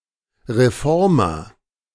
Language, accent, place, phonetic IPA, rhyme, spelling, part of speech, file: German, Germany, Berlin, [ʁeˈfɔʁmɐ], -ɔʁmɐ, Reformer, noun, De-Reformer.ogg
- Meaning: reformer